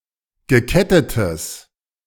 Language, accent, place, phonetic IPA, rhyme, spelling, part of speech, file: German, Germany, Berlin, [ɡəˈkɛtətəs], -ɛtətəs, gekettetes, adjective, De-gekettetes.ogg
- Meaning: strong/mixed nominative/accusative neuter singular of gekettet